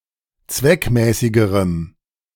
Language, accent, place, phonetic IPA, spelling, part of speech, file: German, Germany, Berlin, [ˈt͡svɛkˌmɛːsɪɡəʁəm], zweckmäßigerem, adjective, De-zweckmäßigerem.ogg
- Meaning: strong dative masculine/neuter singular comparative degree of zweckmäßig